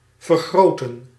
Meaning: 1. to enlarge 2. to increase
- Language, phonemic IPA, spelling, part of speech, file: Dutch, /vərˈɣrotə(n)/, vergroten, verb, Nl-vergroten.ogg